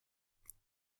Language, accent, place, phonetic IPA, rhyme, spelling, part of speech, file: German, Germany, Berlin, [ˈfiːzə], -iːzə, fiese, adjective, De-fiese.ogg
- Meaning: inflection of fies: 1. strong/mixed nominative/accusative feminine singular 2. strong nominative/accusative plural 3. weak nominative all-gender singular 4. weak accusative feminine/neuter singular